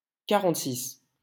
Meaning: forty-six
- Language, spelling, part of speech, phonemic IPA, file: French, quarante-six, numeral, /ka.ʁɑ̃t.sis/, LL-Q150 (fra)-quarante-six.wav